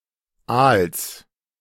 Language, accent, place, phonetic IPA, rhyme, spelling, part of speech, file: German, Germany, Berlin, [als], -als, Als, proper noun, De-Als.ogg
- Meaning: creek, drainage channel